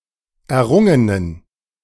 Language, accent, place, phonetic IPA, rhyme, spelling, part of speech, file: German, Germany, Berlin, [ɛɐ̯ˈʁʊŋənən], -ʊŋənən, errungenen, adjective, De-errungenen.ogg
- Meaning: inflection of errungen: 1. strong genitive masculine/neuter singular 2. weak/mixed genitive/dative all-gender singular 3. strong/weak/mixed accusative masculine singular 4. strong dative plural